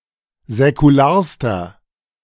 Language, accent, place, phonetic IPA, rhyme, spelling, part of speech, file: German, Germany, Berlin, [zɛkuˈlaːɐ̯stɐ], -aːɐ̯stɐ, säkularster, adjective, De-säkularster.ogg
- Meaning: inflection of säkular: 1. strong/mixed nominative masculine singular superlative degree 2. strong genitive/dative feminine singular superlative degree 3. strong genitive plural superlative degree